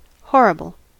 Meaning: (noun) A thing that causes horror; a terrifying thing, particularly a prospective bad consequence asserted as likely to result from an act
- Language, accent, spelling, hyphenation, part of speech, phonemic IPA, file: English, US, horrible, hor‧ri‧ble, noun / adjective, /ˈhɔɹ.ɪ.bəl/, En-us-horrible.ogg